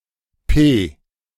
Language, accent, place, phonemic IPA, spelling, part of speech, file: German, Germany, Berlin, /peː/, P, character / noun, De-P.ogg
- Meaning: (character) The sixteenth letter of the German alphabet, written in the Latin script; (noun) P